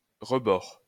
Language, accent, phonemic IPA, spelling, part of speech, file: French, France, /ʁə.bɔʁ/, rebord, noun, LL-Q150 (fra)-rebord.wav
- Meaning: 1. ledge 2. rim, edge